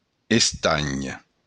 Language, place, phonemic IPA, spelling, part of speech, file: Occitan, Béarn, /esˈtan/, estanh, noun, LL-Q14185 (oci)-estanh.wav
- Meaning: 1. pond 2. tin (metal)